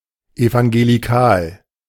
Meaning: evangelical (pertaining to the contemporary, US-based movement of evangelicalism)
- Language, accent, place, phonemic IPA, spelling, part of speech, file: German, Germany, Berlin, /ˌɛvaŋˌɡeːliˈkaːl/, evangelikal, adjective, De-evangelikal.ogg